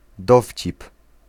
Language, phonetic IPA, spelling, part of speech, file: Polish, [ˈdɔfʲt͡ɕip], dowcip, noun, Pl-dowcip.ogg